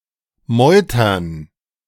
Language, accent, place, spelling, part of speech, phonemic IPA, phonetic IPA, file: German, Germany, Berlin, meutern, verb, /ˈmɔʏ̯tərn/, [ˈmɔʏ̯tɐn], De-meutern.ogg
- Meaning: 1. to mutiny 2. to resist